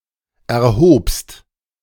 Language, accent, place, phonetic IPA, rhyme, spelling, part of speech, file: German, Germany, Berlin, [ɛɐ̯ˈhoːpst], -oːpst, erhobst, verb, De-erhobst.ogg
- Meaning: second-person singular preterite of erheben